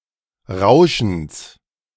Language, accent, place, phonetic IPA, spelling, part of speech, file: German, Germany, Berlin, [ˈʁaʊ̯ʃn̩s], Rauschens, noun, De-Rauschens.ogg
- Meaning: genitive singular of Rauschen